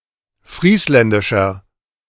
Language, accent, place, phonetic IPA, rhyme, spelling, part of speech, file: German, Germany, Berlin, [ˈfʁiːslɛndɪʃɐ], -iːslɛndɪʃɐ, friesländischer, adjective, De-friesländischer.ogg
- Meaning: inflection of friesländisch: 1. strong/mixed nominative masculine singular 2. strong genitive/dative feminine singular 3. strong genitive plural